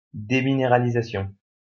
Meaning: demineralization
- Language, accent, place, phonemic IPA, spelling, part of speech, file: French, France, Lyon, /de.mi.ne.ʁa.li.za.sjɔ̃/, déminéralisation, noun, LL-Q150 (fra)-déminéralisation.wav